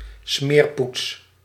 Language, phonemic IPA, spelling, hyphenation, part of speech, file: Dutch, /ˈsmeːr.puts/, smeerpoets, smeer‧poets, noun, Nl-smeerpoets.ogg
- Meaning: dirty or gross person, dirty fellow